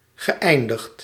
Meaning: past participle of eindigen
- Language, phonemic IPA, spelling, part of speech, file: Dutch, /ɣəˈʔɛindəxt/, geëindigd, verb, Nl-geëindigd.ogg